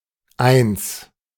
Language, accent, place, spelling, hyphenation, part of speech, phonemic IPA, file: German, Germany, Berlin, Eins, Eins, noun, /ˈaɪ̯ns/, De-Eins.ogg
- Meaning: 1. one (digit or figure) 2. Equivalent to "A" (the highest grade) in the German school grading system